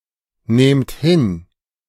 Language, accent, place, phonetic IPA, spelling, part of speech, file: German, Germany, Berlin, [ˌneːmt ˈhɪn], nehmt hin, verb, De-nehmt hin.ogg
- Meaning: inflection of hinnehmen: 1. second-person plural present 2. plural imperative